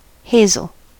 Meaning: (noun) 1. A tree or shrub of the genus Corylus, bearing edible nuts called hazelnuts or filberts 2. The nut of the hazel tree 3. The wood of a hazelnut tree
- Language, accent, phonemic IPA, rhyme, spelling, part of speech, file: English, US, /ˈheɪzəl/, -eɪzəl, hazel, noun / adjective, En-us-hazel.ogg